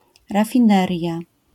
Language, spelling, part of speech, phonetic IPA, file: Polish, rafineria, noun, [ˌrafʲĩˈnɛrʲja], LL-Q809 (pol)-rafineria.wav